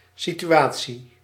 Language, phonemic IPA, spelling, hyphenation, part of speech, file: Dutch, /sityˈaː(t)si/, situatie, si‧tu‧a‧tie, noun, Nl-situatie.ogg
- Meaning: situation, circumstance